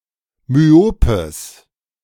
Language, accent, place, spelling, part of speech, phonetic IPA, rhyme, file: German, Germany, Berlin, myopes, adjective, [myˈoːpəs], -oːpəs, De-myopes.ogg
- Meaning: strong/mixed nominative/accusative neuter singular of myop